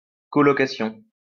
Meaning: 1. houseshare, flatshare (renting of a house or apartment with another tenant) 2. house or apartment that is rented in such a manner
- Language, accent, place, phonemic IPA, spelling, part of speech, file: French, France, Lyon, /kɔ.lɔ.ka.sjɔ̃/, colocation, noun, LL-Q150 (fra)-colocation.wav